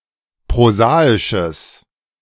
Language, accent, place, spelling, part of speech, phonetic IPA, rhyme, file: German, Germany, Berlin, prosaisches, adjective, [pʁoˈzaːɪʃəs], -aːɪʃəs, De-prosaisches.ogg
- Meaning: strong/mixed nominative/accusative neuter singular of prosaisch